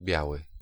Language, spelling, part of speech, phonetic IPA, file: Polish, biały, adjective / noun, [ˈbʲjawɨ], Pl-biały.ogg